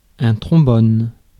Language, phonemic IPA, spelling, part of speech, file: French, /tʁɔ̃.bɔn/, trombone, noun / verb, Fr-trombone.ogg
- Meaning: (noun) 1. trombone 2. paper clip; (verb) inflection of tromboner: 1. first/third-person singular present indicative/subjunctive 2. second-person singular imperative